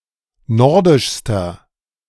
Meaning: inflection of nordisch: 1. strong/mixed nominative masculine singular superlative degree 2. strong genitive/dative feminine singular superlative degree 3. strong genitive plural superlative degree
- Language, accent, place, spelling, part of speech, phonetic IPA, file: German, Germany, Berlin, nordischster, adjective, [ˈnɔʁdɪʃstɐ], De-nordischster.ogg